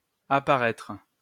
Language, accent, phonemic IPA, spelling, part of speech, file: French, France, /a.pa.ʁɛtʁ/, apparaitre, verb, LL-Q150 (fra)-apparaitre.wav
- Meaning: post-1990 spelling of apparaître